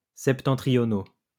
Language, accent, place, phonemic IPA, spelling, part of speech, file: French, France, Lyon, /sɛp.tɑ̃.tʁi.jɔ.no/, septentrionaux, adjective, LL-Q150 (fra)-septentrionaux.wav
- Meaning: masculine plural of septentrional